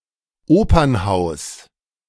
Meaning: opera house
- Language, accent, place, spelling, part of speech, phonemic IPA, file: German, Germany, Berlin, Opernhaus, noun, /ˈoːpɐnˌhaʊ̯s/, De-Opernhaus.ogg